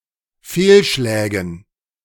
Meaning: dative plural of Fehlschlag
- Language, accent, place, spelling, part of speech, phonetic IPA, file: German, Germany, Berlin, Fehlschlägen, noun, [ˈfeːlˌʃlɛːɡn̩], De-Fehlschlägen.ogg